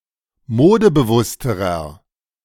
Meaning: inflection of modebewusst: 1. strong/mixed nominative masculine singular comparative degree 2. strong genitive/dative feminine singular comparative degree 3. strong genitive plural comparative degree
- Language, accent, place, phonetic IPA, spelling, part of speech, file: German, Germany, Berlin, [ˈmoːdəbəˌvʊstəʁɐ], modebewussterer, adjective, De-modebewussterer.ogg